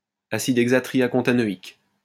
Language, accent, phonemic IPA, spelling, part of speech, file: French, France, /a.sid ɛɡ.za.tʁi.ja.kɔ̃.ta.nɔ.ik/, acide hexatriacontanoïque, noun, LL-Q150 (fra)-acide hexatriacontanoïque.wav
- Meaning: hexatriacontanoic acid